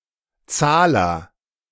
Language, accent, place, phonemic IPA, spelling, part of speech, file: German, Germany, Berlin, /ˈt͡saːlɐ/, Zahler, noun, De-Zahler.ogg
- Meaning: agent noun of zahlen